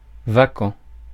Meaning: vacant
- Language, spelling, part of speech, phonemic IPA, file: French, vacant, adjective, /va.kɑ̃/, Fr-vacant.ogg